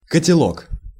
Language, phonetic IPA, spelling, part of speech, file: Russian, [kətʲɪˈɫok], котелок, noun, Ru-котелок.ogg
- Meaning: 1. dixie (a large iron pot, used in the army), kettle, pot 2. bowler hat, derby 3. bean, upper storey, dome (one's brain or head)